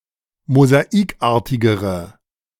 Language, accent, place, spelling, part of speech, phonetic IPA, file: German, Germany, Berlin, mosaikartigere, adjective, [mozaˈiːkˌʔaːɐ̯tɪɡəʁə], De-mosaikartigere.ogg
- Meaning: inflection of mosaikartig: 1. strong/mixed nominative/accusative feminine singular comparative degree 2. strong nominative/accusative plural comparative degree